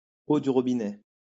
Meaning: tap water
- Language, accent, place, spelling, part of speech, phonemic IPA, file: French, France, Lyon, eau du robinet, noun, /o dy ʁɔ.bi.nɛ/, LL-Q150 (fra)-eau du robinet.wav